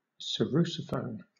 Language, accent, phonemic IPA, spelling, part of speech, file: English, Southern England, /səˈɹuːsəˌfəʊn/, sarrusophone, noun, LL-Q1860 (eng)-sarrusophone.wav
- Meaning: Any of a family of wind instruments intended to replace the oboe and bassoon in bands